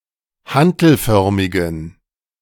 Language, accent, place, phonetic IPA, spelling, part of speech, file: German, Germany, Berlin, [ˈhantl̩ˌfœʁmɪɡn̩], hantelförmigen, adjective, De-hantelförmigen.ogg
- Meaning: inflection of hantelförmig: 1. strong genitive masculine/neuter singular 2. weak/mixed genitive/dative all-gender singular 3. strong/weak/mixed accusative masculine singular 4. strong dative plural